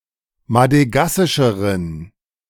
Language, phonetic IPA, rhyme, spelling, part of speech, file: German, [madəˈɡasɪʃəʁən], -asɪʃəʁən, madegassischeren, adjective, De-madegassischeren.ogg